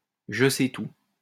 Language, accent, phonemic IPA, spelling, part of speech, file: French, France, /ʒə.sɛ.tu/, je-sais-tout, noun, LL-Q150 (fra)-je-sais-tout.wav
- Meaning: know-it-all, smart aleck